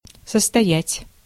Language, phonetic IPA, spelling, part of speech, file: Russian, [səstɐˈjætʲ], состоять, verb, Ru-состоять.ogg
- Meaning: 1. to consist (of) 2. to be a member of, to occupy a position in, to be in a position, to belong to